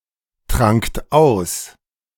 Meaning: second-person plural preterite of austrinken
- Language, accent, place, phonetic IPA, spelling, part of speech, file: German, Germany, Berlin, [ˌtʁaŋkt ˈaʊ̯s], trankt aus, verb, De-trankt aus.ogg